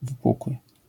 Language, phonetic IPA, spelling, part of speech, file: Polish, [vɨˈpukwɨ], wypukły, adjective, LL-Q809 (pol)-wypukły.wav